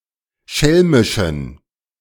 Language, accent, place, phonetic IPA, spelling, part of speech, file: German, Germany, Berlin, [ˈʃɛlmɪʃn̩], schelmischen, adjective, De-schelmischen.ogg
- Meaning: inflection of schelmisch: 1. strong genitive masculine/neuter singular 2. weak/mixed genitive/dative all-gender singular 3. strong/weak/mixed accusative masculine singular 4. strong dative plural